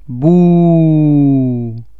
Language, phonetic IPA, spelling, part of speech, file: Czech, [ˈbuː], bú, interjection, Cs-bú.oga
- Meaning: moo (sound of a cow)